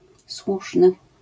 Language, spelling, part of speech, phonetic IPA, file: Polish, słuszny, adjective, [ˈswuʃnɨ], LL-Q809 (pol)-słuszny.wav